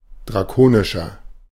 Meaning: 1. comparative degree of drakonisch 2. inflection of drakonisch: strong/mixed nominative masculine singular 3. inflection of drakonisch: strong genitive/dative feminine singular
- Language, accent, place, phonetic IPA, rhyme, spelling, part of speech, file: German, Germany, Berlin, [dʁaˈkoːnɪʃɐ], -oːnɪʃɐ, drakonischer, adjective, De-drakonischer.ogg